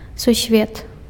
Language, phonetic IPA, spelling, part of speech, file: Belarusian, [susˈvʲet], сусвет, noun, Be-сусвет.ogg
- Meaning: world, universe, cosmos